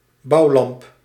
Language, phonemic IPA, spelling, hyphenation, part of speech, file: Dutch, /ˈbɑu̯lɑmp/, bouwlamp, bouw‧lamp, noun, Nl-bouwlamp.ogg
- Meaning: construction light